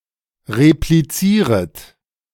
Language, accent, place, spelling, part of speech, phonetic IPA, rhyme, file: German, Germany, Berlin, replizieret, verb, [ʁepliˈt͡siːʁət], -iːʁət, De-replizieret.ogg
- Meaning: second-person plural subjunctive I of replizieren